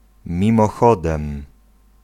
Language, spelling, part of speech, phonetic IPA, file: Polish, mimochodem, adverb, [ˌmʲĩmɔˈxɔdɛ̃m], Pl-mimochodem.ogg